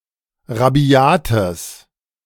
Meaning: strong/mixed nominative/accusative neuter singular of rabiat
- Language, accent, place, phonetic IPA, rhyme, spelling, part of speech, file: German, Germany, Berlin, [ʁaˈbi̯aːtəs], -aːtəs, rabiates, adjective, De-rabiates.ogg